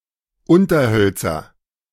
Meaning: nominative/accusative/genitive plural of Unterholz
- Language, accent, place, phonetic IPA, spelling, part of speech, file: German, Germany, Berlin, [ˈʊntɐˌhœlt͡sɐ], Unterhölzer, noun, De-Unterhölzer.ogg